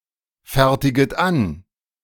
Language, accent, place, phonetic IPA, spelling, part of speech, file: German, Germany, Berlin, [ˌfɛʁtɪɡət ˈan], fertiget an, verb, De-fertiget an.ogg
- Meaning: second-person plural subjunctive I of anfertigen